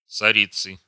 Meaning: inflection of цари́ца (caríca): 1. genitive singular 2. nominative plural
- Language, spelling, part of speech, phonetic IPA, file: Russian, царицы, noun, [t͡sɐˈrʲit͡sɨ], Ru-царицы.ogg